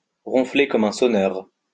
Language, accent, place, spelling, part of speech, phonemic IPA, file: French, France, Lyon, ronfler comme un sonneur, verb, /ʁɔ̃.fle kɔm œ̃ sɔ.nœʁ/, LL-Q150 (fra)-ronfler comme un sonneur.wav
- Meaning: to snore like a chainsaw, to snore like a buzzsaw, to snore like a freight train